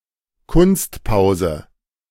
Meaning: dramatic pause
- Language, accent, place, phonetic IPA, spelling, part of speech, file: German, Germany, Berlin, [ˈkʊnstˌpaʊ̯zə], Kunstpause, noun, De-Kunstpause.ogg